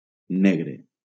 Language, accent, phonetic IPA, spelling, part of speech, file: Catalan, Valencia, [ˈne.ɣɾe], negre, adjective / noun, LL-Q7026 (cat)-negre.wav
- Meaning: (adjective) 1. black (absorbing all light and reflecting none) 2. black, Black (of or relating to any of various ethnic groups having dark pigmentation of the skin)